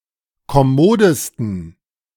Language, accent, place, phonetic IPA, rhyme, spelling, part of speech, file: German, Germany, Berlin, [kɔˈmoːdəstn̩], -oːdəstn̩, kommodesten, adjective, De-kommodesten.ogg
- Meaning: 1. superlative degree of kommod 2. inflection of kommod: strong genitive masculine/neuter singular superlative degree